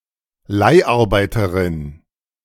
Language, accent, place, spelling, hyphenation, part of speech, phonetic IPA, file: German, Germany, Berlin, Leiharbeiterin, Leih‧ar‧bei‧te‧rin, noun, [ˈlaɪ̯ʔaʁˌbaɪ̯tɐʁɪn], De-Leiharbeiterin.ogg
- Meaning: female equivalent of Leiharbeiter